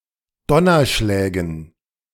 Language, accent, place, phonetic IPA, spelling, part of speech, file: German, Germany, Berlin, [ˈdɔnɐˌʃlɛːɡn̩], Donnerschlägen, noun, De-Donnerschlägen.ogg
- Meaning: dative plural of Donnerschlag